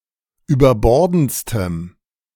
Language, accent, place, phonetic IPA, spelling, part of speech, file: German, Germany, Berlin, [yːbɐˈbɔʁdn̩t͡stəm], überbordendstem, adjective, De-überbordendstem.ogg
- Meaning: strong dative masculine/neuter singular superlative degree of überbordend